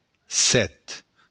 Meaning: seven
- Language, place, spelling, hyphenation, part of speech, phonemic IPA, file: Occitan, Béarn, sèt, sèt, numeral, /ˈsɛt/, LL-Q14185 (oci)-sèt.wav